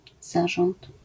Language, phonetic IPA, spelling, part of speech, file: Polish, [ˈzaʒɔ̃nt], zarząd, noun, LL-Q809 (pol)-zarząd.wav